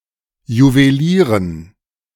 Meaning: dative plural of Juwelier
- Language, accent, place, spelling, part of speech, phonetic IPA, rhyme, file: German, Germany, Berlin, Juwelieren, noun, [juveˈliːʁən], -iːʁən, De-Juwelieren.ogg